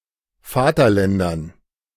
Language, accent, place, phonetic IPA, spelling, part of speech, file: German, Germany, Berlin, [ˈfaːtɐˌlɛndɐn], Vaterländern, noun, De-Vaterländern.ogg
- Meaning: dative plural of Vaterland